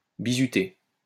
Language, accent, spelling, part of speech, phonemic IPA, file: French, France, bizuter, verb, /bi.zy.te/, LL-Q150 (fra)-bizuter.wav
- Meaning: to haze (subject to an initiation)